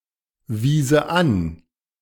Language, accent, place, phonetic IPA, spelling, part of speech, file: German, Germany, Berlin, [ˌviːzə ˈan], wiese an, verb, De-wiese an.ogg
- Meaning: first/third-person singular subjunctive II of anweisen